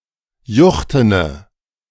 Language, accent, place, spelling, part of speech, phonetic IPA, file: German, Germany, Berlin, juchtene, adjective, [ˈjʊxtənə], De-juchtene.ogg
- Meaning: inflection of juchten: 1. strong/mixed nominative/accusative feminine singular 2. strong nominative/accusative plural 3. weak nominative all-gender singular 4. weak accusative feminine/neuter singular